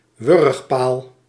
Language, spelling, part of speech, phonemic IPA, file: Dutch, wurgpaal, noun, /ˈwʏrᵊxˌpal/, Nl-wurgpaal.ogg
- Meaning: garrote